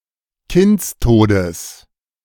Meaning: genitive of Kindstod
- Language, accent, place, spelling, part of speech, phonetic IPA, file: German, Germany, Berlin, Kindstodes, noun, [ˈkɪnt͡sˌtoːdəs], De-Kindstodes.ogg